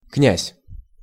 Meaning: prince; duke
- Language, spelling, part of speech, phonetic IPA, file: Russian, князь, noun, [knʲæsʲ], Ru-князь.ogg